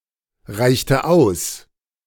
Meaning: inflection of ausreichen: 1. first/third-person singular preterite 2. first/third-person singular subjunctive II
- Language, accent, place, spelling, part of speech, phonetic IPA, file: German, Germany, Berlin, reichte aus, verb, [ˌʁaɪ̯çtə ˈaʊ̯s], De-reichte aus.ogg